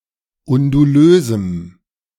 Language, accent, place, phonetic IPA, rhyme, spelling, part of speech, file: German, Germany, Berlin, [ʊnduˈløːzm̩], -øːzm̩, undulösem, adjective, De-undulösem.ogg
- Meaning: strong dative masculine/neuter singular of undulös